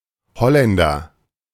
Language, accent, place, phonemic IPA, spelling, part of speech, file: German, Germany, Berlin, /ˈhɔlɛndɐ/, Holländer, noun, De-Holländer.ogg
- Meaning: 1. person from Holland (a region in the Netherlands) 2. a Dutch person (from any region)